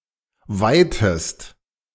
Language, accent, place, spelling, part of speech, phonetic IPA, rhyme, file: German, Germany, Berlin, weihtest, verb, [ˈvaɪ̯təst], -aɪ̯təst, De-weihtest.ogg
- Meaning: inflection of weihen: 1. second-person singular preterite 2. second-person singular subjunctive II